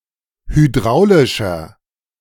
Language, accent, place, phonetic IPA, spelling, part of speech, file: German, Germany, Berlin, [hyˈdʁaʊ̯lɪʃɐ], hydraulischer, adjective, De-hydraulischer.ogg
- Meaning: inflection of hydraulisch: 1. strong/mixed nominative masculine singular 2. strong genitive/dative feminine singular 3. strong genitive plural